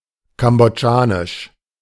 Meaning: of Cambodia; Cambodian; Khmer
- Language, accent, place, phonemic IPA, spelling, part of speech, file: German, Germany, Berlin, /kambɔˈdʒaːnɪʃ/, kambodschanisch, adjective, De-kambodschanisch.ogg